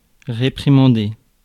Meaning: to reprimand
- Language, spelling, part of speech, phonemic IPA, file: French, réprimander, verb, /ʁe.pʁi.mɑ̃.de/, Fr-réprimander.ogg